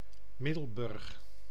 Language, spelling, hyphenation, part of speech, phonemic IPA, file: Dutch, Middelburg, Mid‧del‧burg, proper noun, /ˈmɪ.dəlˌbʏrx/, Nl-Middelburg.ogg
- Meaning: 1. Middelburg (a city, municipality, and capital of Zeeland, Netherlands) 2. a hamlet and former municipality of Bodegraven-Reeuwijk, South Holland, Netherlands